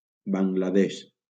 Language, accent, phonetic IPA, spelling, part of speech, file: Catalan, Valencia, [ˌbaŋ.ɡlaˈðeʃ], Bangla Desh, proper noun, LL-Q7026 (cat)-Bangla Desh.wav
- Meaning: Bangladesh (a country in South Asia)